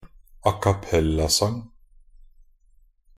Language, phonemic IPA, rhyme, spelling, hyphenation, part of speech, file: Norwegian Bokmål, /akaˈpɛlːasaŋ/, -aŋ, acappellasang, a‧cap‧pel‧la‧sang, noun, Nb-acappellasang.ogg
- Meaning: a cappella song